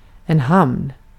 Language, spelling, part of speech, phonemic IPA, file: Swedish, hamn, noun, /hamn/, Sv-hamn.ogg
- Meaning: 1. a port (dock or harbor) 2. a harbor, a haven (place or circumstance providing security) 3. outward figure